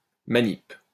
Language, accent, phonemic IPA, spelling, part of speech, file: French, France, /ma.nip/, manip, noun, LL-Q150 (fra)-manip.wav
- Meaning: a manipulation